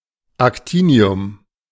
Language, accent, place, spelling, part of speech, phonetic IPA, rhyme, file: German, Germany, Berlin, Actinium, noun, [akˈtiːni̯ʊm], -iːni̯ʊm, De-Actinium.ogg
- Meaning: chemical element actinium (atomic number 89)